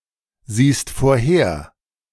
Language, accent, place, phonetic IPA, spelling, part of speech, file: German, Germany, Berlin, [ˌziːst foːɐ̯ˈheːɐ̯], siehst vorher, verb, De-siehst vorher.ogg
- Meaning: second-person singular present of vorhersehen